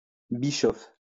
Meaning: toddy (drink)
- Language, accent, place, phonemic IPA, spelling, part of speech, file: French, France, Lyon, /bi.ʃɔf/, bischof, noun, LL-Q150 (fra)-bischof.wav